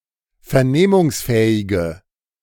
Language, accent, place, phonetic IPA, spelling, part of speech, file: German, Germany, Berlin, [fɛɐ̯ˈneːmʊŋsˌfɛːɪɡə], vernehmungsfähige, adjective, De-vernehmungsfähige.ogg
- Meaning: inflection of vernehmungsfähig: 1. strong/mixed nominative/accusative feminine singular 2. strong nominative/accusative plural 3. weak nominative all-gender singular